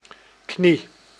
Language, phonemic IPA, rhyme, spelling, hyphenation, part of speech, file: Dutch, /kni/, -i, knie, knie, noun, Nl-knie.ogg
- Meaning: 1. a knee 2. a kneeing, a prod or blow with the knee